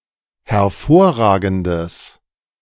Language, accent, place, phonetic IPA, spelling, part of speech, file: German, Germany, Berlin, [hɛɐ̯ˈfoːɐ̯ˌʁaːɡn̩dəs], hervorragendes, adjective, De-hervorragendes.ogg
- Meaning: strong/mixed nominative/accusative neuter singular of hervorragend